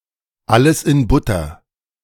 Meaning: Everything is OK
- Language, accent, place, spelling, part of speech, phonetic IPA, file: German, Germany, Berlin, alles in Butter, phrase, [ˈaləs ɪn ˈbʊtɐ], De-alles in Butter.ogg